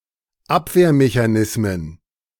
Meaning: plural of Abwehrmechanismus
- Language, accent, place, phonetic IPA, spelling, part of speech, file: German, Germany, Berlin, [ˈapveːɐ̯meçaˌnɪsmən], Abwehrmechanismen, noun, De-Abwehrmechanismen.ogg